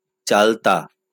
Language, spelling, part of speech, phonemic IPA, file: Bengali, চালতা, noun, /t͡ʃalta/, LL-Q9610 (ben)-চালতা.wav
- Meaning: Indian dillenia, elephant apple, showy dillenia, Indian simpoh, chalta tree (Dillenia indica, syn. D. speciosa